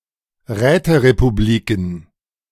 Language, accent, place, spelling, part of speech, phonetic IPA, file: German, Germany, Berlin, Räterepubliken, noun, [ˈʁɛːtəʁepuˌbliːkn̩], De-Räterepubliken.ogg
- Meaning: plural of Räterepublik